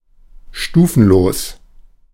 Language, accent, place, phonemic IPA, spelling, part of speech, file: German, Germany, Berlin, /ˈʃtuːfn̩loːs/, stufenlos, adjective, De-stufenlos.ogg
- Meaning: stepless